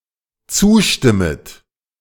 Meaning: second-person plural dependent subjunctive I of zustimmen
- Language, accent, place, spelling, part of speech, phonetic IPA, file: German, Germany, Berlin, zustimmet, verb, [ˈt͡suːˌʃtɪmət], De-zustimmet.ogg